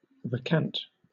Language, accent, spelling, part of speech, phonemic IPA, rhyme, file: English, Southern England, recant, verb, /ɹəˈkænt/, -ænt, LL-Q1860 (eng)-recant.wav
- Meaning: 1. To withdraw or repudiate a statement or opinion formerly expressed, especially formally and publicly 2. To give a new cant (slant, angle) to something, in particular railway track on a curve